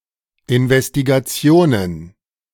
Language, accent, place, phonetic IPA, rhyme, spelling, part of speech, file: German, Germany, Berlin, [ɪnvɛstiɡaˈt͡si̯oːnən], -oːnən, Investigationen, noun, De-Investigationen.ogg
- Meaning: plural of Investigation